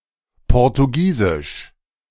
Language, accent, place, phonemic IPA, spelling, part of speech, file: German, Germany, Berlin, /ˌpɔʁtuˈɡiːzɪʃ/, portugiesisch, adjective, De-portugiesisch.ogg
- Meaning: Portuguese